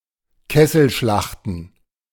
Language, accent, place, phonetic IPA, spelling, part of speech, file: German, Germany, Berlin, [ˈkɛsl̩ˌʃlaxtn̩], Kesselschlachten, noun, De-Kesselschlachten.ogg
- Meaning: plural of Kesselschlacht